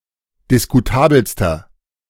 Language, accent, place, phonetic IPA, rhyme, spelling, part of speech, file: German, Germany, Berlin, [dɪskuˈtaːbl̩stɐ], -aːbl̩stɐ, diskutabelster, adjective, De-diskutabelster.ogg
- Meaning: inflection of diskutabel: 1. strong/mixed nominative masculine singular superlative degree 2. strong genitive/dative feminine singular superlative degree 3. strong genitive plural superlative degree